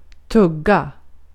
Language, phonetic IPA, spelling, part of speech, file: Swedish, [ˈtɵˌɡːa], tugga, noun / verb, Sv-tugga.ogg
- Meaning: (noun) a bite (amount of (non-liquid) food (or the like) put into the mouth at once); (verb) to chew (repeatedly crush with one's teeth or the like)